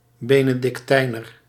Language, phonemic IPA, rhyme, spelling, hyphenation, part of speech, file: Dutch, /ˌbeː.nə.dɪkˈtɛi̯.nər/, -ɛi̯nər, benedictijner, be‧ne‧dic‧tij‧ner, adjective, Nl-benedictijner.ogg
- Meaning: Benedictine